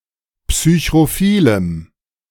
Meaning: strong dative masculine/neuter singular of psychrophil
- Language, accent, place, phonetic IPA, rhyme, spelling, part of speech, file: German, Germany, Berlin, [psyçʁoˈfiːləm], -iːləm, psychrophilem, adjective, De-psychrophilem.ogg